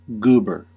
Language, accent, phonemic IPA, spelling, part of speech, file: English, US, /ˈɡubɚ/, goober, noun / verb, En-us-goober.ogg
- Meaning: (noun) 1. A peanut 2. A Georgian or North Carolinian, particularly one from the pine forests of the Sandhills region 3. A foolish, simple, or amusingly silly person 4. A quantity of sputum